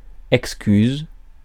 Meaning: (noun) excuse; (verb) inflection of excuser: 1. first/third-person singular present indicative/subjunctive 2. second-person singular imperative
- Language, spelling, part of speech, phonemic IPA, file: French, excuse, noun / verb, /ɛk.skyz/, Fr-excuse.ogg